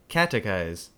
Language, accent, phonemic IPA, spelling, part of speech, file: English, US, /ˈkætɪˌkaɪz/, catechize, verb, En-us-catechize.ogg